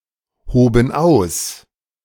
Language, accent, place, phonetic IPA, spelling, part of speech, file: German, Germany, Berlin, [ˌhoːbn̩ ˈaʊ̯s], hoben aus, verb, De-hoben aus.ogg
- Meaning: first/third-person plural preterite of ausheben